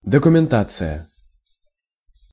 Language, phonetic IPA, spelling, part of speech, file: Russian, [dəkʊmʲɪnˈtat͡sɨjə], документация, noun, Ru-документация.ogg
- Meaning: 1. documentation (something transposed from a thought to a document) 2. documentation (documents that explain the operation of a particular software program)